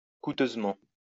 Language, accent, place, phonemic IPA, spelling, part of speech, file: French, France, Lyon, /ku.tøz.mɑ̃/, couteusement, adverb, LL-Q150 (fra)-couteusement.wav
- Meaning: post-1990 spelling of coûteusement